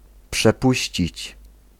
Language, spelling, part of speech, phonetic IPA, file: Polish, przepuścić, verb, [pʃɛˈpuɕt͡ɕit͡ɕ], Pl-przepuścić.ogg